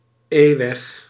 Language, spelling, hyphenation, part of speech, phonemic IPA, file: Dutch, E-weg, E-weg, noun, /ˈeː.ʋɛx/, Nl-E-weg.ogg
- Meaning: E-road (road in the European E-road network)